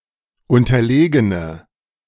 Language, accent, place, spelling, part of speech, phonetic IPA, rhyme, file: German, Germany, Berlin, unterlegene, adjective, [ˌʊntɐˈleːɡənə], -eːɡənə, De-unterlegene.ogg
- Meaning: inflection of unterlegen: 1. strong/mixed nominative/accusative feminine singular 2. strong nominative/accusative plural 3. weak nominative all-gender singular